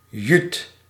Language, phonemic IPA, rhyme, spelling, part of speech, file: Dutch, /jyt/, -yt, juut, noun, Nl-juut.ogg
- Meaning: synonym of politieagent (“police officer, cop”)